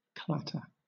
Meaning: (verb) 1. To make a rattling sound 2. To chatter noisily or rapidly 3. To hit; to smack; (noun) 1. A rattling noise; a repetition of abrupt, sharp sounds 2. A loud disturbance 3. Noisy talk or chatter
- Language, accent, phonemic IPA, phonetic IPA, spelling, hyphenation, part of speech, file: English, Southern England, /ˈklætəː/, [ˈklætʰəː], clatter, clat‧ter, verb / noun, LL-Q1860 (eng)-clatter.wav